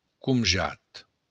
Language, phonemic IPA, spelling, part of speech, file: Occitan, /kunˈdʒat/, comjat, noun, LL-Q942602-comjat.wav
- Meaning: leave, permission to be absent